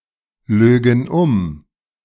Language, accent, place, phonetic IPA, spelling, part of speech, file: German, Germany, Berlin, [ˌløːɡn̩ ˈʊm], lögen um, verb, De-lögen um.ogg
- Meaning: first-person plural subjunctive II of umlügen